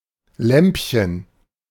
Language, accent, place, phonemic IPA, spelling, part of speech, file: German, Germany, Berlin, /ˈlɛm(p).çən/, Lämpchen, noun, De-Lämpchen.ogg
- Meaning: diminutive of Lampe